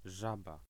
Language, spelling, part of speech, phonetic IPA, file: Polish, żaba, noun, [ˈʒaba], Pl-żaba.ogg